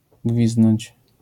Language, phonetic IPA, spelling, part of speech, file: Polish, [ˈɡvʲizdnɔ̃ɲt͡ɕ], gwizdnąć, verb, LL-Q809 (pol)-gwizdnąć.wav